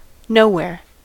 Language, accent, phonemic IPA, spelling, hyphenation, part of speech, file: English, US, /ˈnoʊ.(h)wɛɹ/, nowhere, no‧where, adverb / adjective / noun, En-us-nowhere.ogg
- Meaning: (adverb) 1. In no place 2. To no place; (adjective) Unimportant; unworthy of notice; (noun) No particular place, noplace